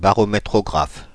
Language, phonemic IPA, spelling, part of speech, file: French, /ba.ʁɔ.me.tʁɔ.ɡʁaf/, barométrographe, noun, Fr-barométrographe.ogg
- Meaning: barometrograph